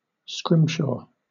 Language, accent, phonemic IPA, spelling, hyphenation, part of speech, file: English, Southern England, /ˈskɹɪmʃɔː/, scrimshaw, scrim‧shaw, verb / noun, LL-Q1860 (eng)-scrimshaw.wav
- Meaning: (verb) To create (a small ornamental handicraft also called a scrimshaw) by carving or engraving on bone (originally whalebone or whales' teeth), ivory, or other materials